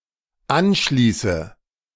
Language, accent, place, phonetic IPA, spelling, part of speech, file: German, Germany, Berlin, [ˈanˌʃliːsə], anschließe, verb, De-anschließe.ogg
- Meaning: inflection of anschließen: 1. first-person singular dependent present 2. first/third-person singular dependent subjunctive I